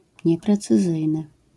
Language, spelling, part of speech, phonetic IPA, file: Polish, nieprecyzyjny, adjective, [ˌɲɛprɛt͡sɨˈzɨjnɨ], LL-Q809 (pol)-nieprecyzyjny.wav